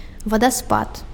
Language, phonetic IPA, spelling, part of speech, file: Belarusian, [vadaˈspat], вадаспад, noun, Be-вадаспад.ogg
- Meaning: waterfall